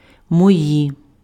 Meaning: inflection of мій (mij): 1. nominative/vocative plural 2. inanimate accusative plural
- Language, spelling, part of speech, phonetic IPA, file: Ukrainian, мої, pronoun, [mɔˈji], Uk-мої.ogg